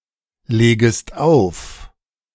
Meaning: second-person singular subjunctive I of auflegen
- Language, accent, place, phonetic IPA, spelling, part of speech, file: German, Germany, Berlin, [ˌleːɡəst ˈaʊ̯f], legest auf, verb, De-legest auf.ogg